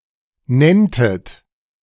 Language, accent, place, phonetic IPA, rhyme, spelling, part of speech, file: German, Germany, Berlin, [ˈnɛntət], -ɛntət, nenntet, verb, De-nenntet.ogg
- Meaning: second-person plural subjunctive II of nennen